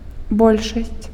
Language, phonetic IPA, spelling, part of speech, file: Belarusian, [ˈbolʲʂasʲt͡sʲ], большасць, noun, Be-большасць.ogg
- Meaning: majority